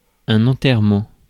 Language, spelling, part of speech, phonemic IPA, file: French, enterrement, noun, /ɑ̃.tɛʁ.mɑ̃/, Fr-enterrement.ogg
- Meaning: 1. burial, interment 2. funeral